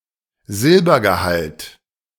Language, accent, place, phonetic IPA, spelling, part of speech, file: German, Germany, Berlin, [ˈzɪlbɐɡəˌhalt], Silbergehalt, noun, De-Silbergehalt.ogg
- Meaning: silver content